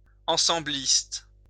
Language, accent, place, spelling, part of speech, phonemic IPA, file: French, France, Lyon, ensembliste, adjective, /ɑ̃.sɑ̃.blist/, LL-Q150 (fra)-ensembliste.wav
- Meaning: set-theoretic